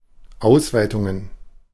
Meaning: plural of Ausweitung
- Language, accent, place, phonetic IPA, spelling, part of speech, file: German, Germany, Berlin, [ˈaʊ̯svaɪ̯tʊŋən], Ausweitungen, noun, De-Ausweitungen.ogg